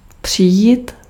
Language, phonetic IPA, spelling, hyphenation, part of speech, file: Czech, [ˈpr̝̊ɪjiːt], přijít, při‧jít, verb, Cs-přijít.ogg
- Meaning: 1. to reach a place by walking; to come (on foot) 2. to lose